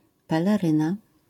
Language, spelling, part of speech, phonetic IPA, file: Polish, peleryna, noun, [ˌpɛlɛˈrɨ̃na], LL-Q809 (pol)-peleryna.wav